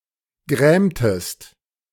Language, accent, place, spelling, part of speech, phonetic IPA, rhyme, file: German, Germany, Berlin, grämtest, verb, [ˈɡʁɛːmtəst], -ɛːmtəst, De-grämtest.ogg
- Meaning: inflection of grämen: 1. second-person singular preterite 2. second-person singular subjunctive II